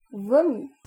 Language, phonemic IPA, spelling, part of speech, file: French, /vɔ.mi/, vomi, noun / verb, Fr-vomi.ogg
- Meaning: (noun) vomit; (verb) past participle of vomir